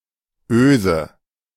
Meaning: 1. eye, eyelet (fitting consisting of a loop of a solid material, suitable for receiving a hook) 2. lug
- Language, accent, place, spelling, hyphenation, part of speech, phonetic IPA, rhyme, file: German, Germany, Berlin, Öse, Öse, noun, [ˈʔøː.zə], -øːzə, De-Öse.ogg